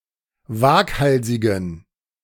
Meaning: inflection of waghalsig: 1. strong genitive masculine/neuter singular 2. weak/mixed genitive/dative all-gender singular 3. strong/weak/mixed accusative masculine singular 4. strong dative plural
- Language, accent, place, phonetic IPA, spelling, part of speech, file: German, Germany, Berlin, [ˈvaːkˌhalzɪɡn̩], waghalsigen, adjective, De-waghalsigen.ogg